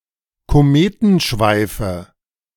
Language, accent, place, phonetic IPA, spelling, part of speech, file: German, Germany, Berlin, [koˈmeːtn̩ˌʃvaɪ̯fə], Kometenschweife, noun, De-Kometenschweife.ogg
- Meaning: nominative/accusative/genitive plural of Kometenschweif